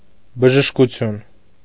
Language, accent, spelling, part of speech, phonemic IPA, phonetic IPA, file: Armenian, Eastern Armenian, բժշկություն, noun, /bəʒəʃkuˈtʰjun/, [bəʒəʃkut͡sʰjún], Hy-բժշկություն.ogg
- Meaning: 1. medicine 2. medical treatment; therapy; cure; healing